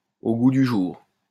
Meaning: in fashion, in line with current tastes
- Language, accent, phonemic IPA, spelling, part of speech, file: French, France, /o ɡu dy ʒuʁ/, au goût du jour, adjective, LL-Q150 (fra)-au goût du jour.wav